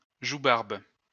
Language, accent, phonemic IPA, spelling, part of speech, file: French, France, /ʒu.baʁb/, joubarbe, noun, LL-Q150 (fra)-joubarbe.wav
- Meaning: houseleek; Jupiter's beard